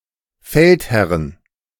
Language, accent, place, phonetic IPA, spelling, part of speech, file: German, Germany, Berlin, [ˈfɛltˌhɛʁən], Feldherren, noun, De-Feldherren.ogg
- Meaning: plural of Feldherr